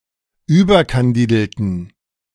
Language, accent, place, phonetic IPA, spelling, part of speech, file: German, Germany, Berlin, [ˈyːbɐkanˌdiːdl̩tn̩], überkandidelten, adjective, De-überkandidelten.ogg
- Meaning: inflection of überkandidelt: 1. strong genitive masculine/neuter singular 2. weak/mixed genitive/dative all-gender singular 3. strong/weak/mixed accusative masculine singular 4. strong dative plural